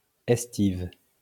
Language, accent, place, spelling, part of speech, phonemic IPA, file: French, France, Lyon, estive, verb, /ɛs.tiv/, LL-Q150 (fra)-estive.wav
- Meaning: inflection of estiver: 1. first/third-person singular present indicative/subjunctive 2. second-person singular imperative